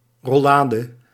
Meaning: roulade (piece of rolled spiced meat, though generally not filled)
- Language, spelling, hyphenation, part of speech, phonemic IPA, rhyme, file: Dutch, rollade, rol‧la‧de, noun, /ˌrɔˈlaː.də/, -aːdə, Nl-rollade.ogg